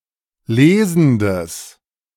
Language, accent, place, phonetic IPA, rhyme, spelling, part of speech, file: German, Germany, Berlin, [ˈleːzn̩dəs], -eːzn̩dəs, lesendes, adjective, De-lesendes.ogg
- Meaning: strong/mixed nominative/accusative neuter singular of lesend